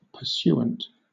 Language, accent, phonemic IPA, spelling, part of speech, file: English, Southern England, /pəˈsjuː.ənt/, pursuant, adjective / adverb, LL-Q1860 (eng)-pursuant.wav
- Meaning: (adjective) 1. That pursues 2. In conformance to, or in agreement with; used with to; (adverb) Accordingly; consequently